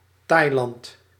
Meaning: Thailand (a country in Southeast Asia)
- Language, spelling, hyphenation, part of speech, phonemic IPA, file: Dutch, Thailand, Thai‧land, proper noun, /ˈtɑi̯.lɑnt/, Nl-Thailand.ogg